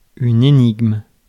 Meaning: 1. enigma, puzzle (anything difficult to understand or make sense of) 2. riddle
- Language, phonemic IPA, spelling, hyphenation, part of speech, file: French, /e.niɡm/, énigme, é‧nigme, noun, Fr-énigme.ogg